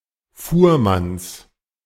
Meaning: genitive singular of Fuhrmann
- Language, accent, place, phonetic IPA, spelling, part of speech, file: German, Germany, Berlin, [ˈfuːɐ̯mans], Fuhrmanns, noun, De-Fuhrmanns.ogg